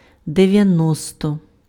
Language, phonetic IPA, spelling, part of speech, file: Ukrainian, [deʋjɐˈnɔstɔ], дев'яносто, numeral, Uk-дев'яносто.ogg
- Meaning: ninety (90)